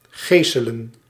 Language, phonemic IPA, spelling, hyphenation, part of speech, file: Dutch, /ˈɣeːsələ(n)/, geselen, ge‧se‧len, verb / noun, Nl-geselen.ogg
- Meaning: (verb) 1. to flog, to scourge (notably with a multi-tail whip) 2. to scourge, ravage, inflict great damage; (noun) plural of gesel